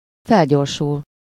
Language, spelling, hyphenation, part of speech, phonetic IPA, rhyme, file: Hungarian, felgyorsul, fel‧gyor‧sul, verb, [ˈfɛlɟorʃul], -ul, Hu-felgyorsul.ogg
- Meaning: to accelerate, to speed up, to quicken (to become faster)